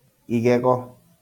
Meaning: tooth
- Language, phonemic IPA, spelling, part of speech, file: Kikuyu, /ìɣɛ̀ɣɔ̀(ꜜ)/, igego, noun, LL-Q33587 (kik)-igego.wav